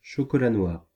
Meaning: dark chocolate
- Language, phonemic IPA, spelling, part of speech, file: French, /ʃɔ.kɔ.la nwaʁ/, chocolat noir, noun, Fr-chocolat noir.ogg